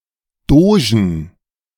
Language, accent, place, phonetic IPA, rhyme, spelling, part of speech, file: German, Germany, Berlin, [ˈdoːʒn̩], -oːʒn̩, Dogen, noun, De-Dogen.ogg
- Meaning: 1. plural of Doge 2. genitive singular of Doge 3. dative singular of Doge 4. accusative singular of Doge